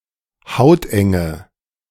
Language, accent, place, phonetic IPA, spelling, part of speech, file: German, Germany, Berlin, [ˈhaʊ̯tʔɛŋə], hautenge, adjective, De-hautenge.ogg
- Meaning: inflection of hauteng: 1. strong/mixed nominative/accusative feminine singular 2. strong nominative/accusative plural 3. weak nominative all-gender singular 4. weak accusative feminine/neuter singular